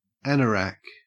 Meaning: 1. A heavy weatherproof jacket with an attached hood; a parka or windcheater 2. A person with an unusual or obsessive interest in a niche subject, especially trains
- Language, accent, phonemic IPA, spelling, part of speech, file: English, Australia, /ˈænəɹæk/, anorak, noun, En-au-anorak.ogg